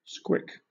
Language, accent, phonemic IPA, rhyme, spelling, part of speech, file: English, Southern England, /skwɪk/, -ɪk, squick, noun / verb, LL-Q1860 (eng)-squick.wav
- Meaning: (noun) A source of individual psychological discomfort; something that repels one; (verb) 1. To gross out, to disgust 2. To be grossed out, to experience disgust